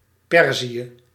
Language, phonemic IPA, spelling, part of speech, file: Dutch, /ˈpɛr.zi.ə/, Perzië, proper noun, Nl-Perzië.ogg
- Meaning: Persia